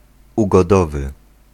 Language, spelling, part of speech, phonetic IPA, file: Polish, ugodowy, adjective, [ˌuɡɔˈdɔvɨ], Pl-ugodowy.ogg